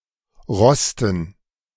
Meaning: dative plural of Rost
- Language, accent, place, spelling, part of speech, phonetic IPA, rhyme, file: German, Germany, Berlin, Rosten, noun, [ˈʁɔstn̩], -ɔstn̩, De-Rosten.ogg